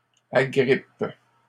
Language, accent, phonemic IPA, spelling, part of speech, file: French, Canada, /a.ɡʁip/, agrippent, verb, LL-Q150 (fra)-agrippent.wav
- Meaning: third-person plural present indicative/subjunctive of agripper